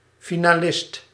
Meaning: finalist
- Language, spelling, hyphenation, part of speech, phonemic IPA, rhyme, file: Dutch, finalist, fi‧na‧list, noun, /ˌfi.naːˈlɪst/, -ɪst, Nl-finalist.ogg